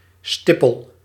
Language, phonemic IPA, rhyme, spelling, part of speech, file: Dutch, /ˈstɪ.pəl/, -ɪpəl, stippel, noun, Nl-stippel.ogg
- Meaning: a dot, dash, speck